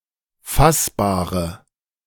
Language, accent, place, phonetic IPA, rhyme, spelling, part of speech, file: German, Germany, Berlin, [ˈfasbaːʁə], -asbaːʁə, fassbare, adjective, De-fassbare.ogg
- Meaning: inflection of fassbar: 1. strong/mixed nominative/accusative feminine singular 2. strong nominative/accusative plural 3. weak nominative all-gender singular 4. weak accusative feminine/neuter singular